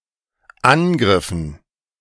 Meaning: dative plural of Angriff
- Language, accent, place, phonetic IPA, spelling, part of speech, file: German, Germany, Berlin, [ˈanˌɡʁɪfn̩], Angriffen, noun, De-Angriffen.ogg